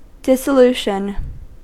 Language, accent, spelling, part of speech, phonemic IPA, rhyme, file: English, US, dissolution, noun, /ˌdɪsəˈluʃən/, -uːʃən, En-us-dissolution.ogg
- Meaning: 1. The termination of an organized body or legislative assembly, especially a formal dismissal 2. Disintegration, or decomposition into fragments 3. Dissolving, or going into solution